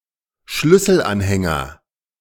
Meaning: 1. key fob 2. keychain, keyring
- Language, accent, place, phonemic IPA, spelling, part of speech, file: German, Germany, Berlin, /ˈʃlʏsl̩ˌʔanhɛnɡɐ/, Schlüsselanhänger, noun, De-Schlüsselanhänger.ogg